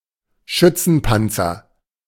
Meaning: infantry fighting vehicle (“IFV”)
- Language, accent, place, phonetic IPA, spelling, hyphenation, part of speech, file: German, Germany, Berlin, [ˈʃʏt͡sn̩ˌpant͡sɐ], Schützenpanzer, Schüt‧zen‧pan‧zer, noun, De-Schützenpanzer.ogg